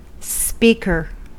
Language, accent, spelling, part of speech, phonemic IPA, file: English, US, speaker, noun, /ˈspikɚ/, En-us-speaker.ogg
- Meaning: 1. One who speaks 2. Loudspeaker 3. Speakerphone 4. The chair or presiding officer of certain legislative bodies, such as the U.K. House of Commons or the U.S. House of Representatives